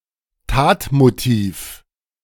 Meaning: criminal motive
- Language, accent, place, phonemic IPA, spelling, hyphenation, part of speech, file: German, Germany, Berlin, /ˈtaːtmoˌtiːf/, Tatmotiv, Tat‧mo‧tiv, noun, De-Tatmotiv.ogg